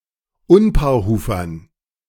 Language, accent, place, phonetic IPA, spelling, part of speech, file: German, Germany, Berlin, [ˈʊnpaːɐ̯ˌhuːfɐn], Unpaarhufern, noun, De-Unpaarhufern.ogg
- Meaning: dative plural of Unpaarhufer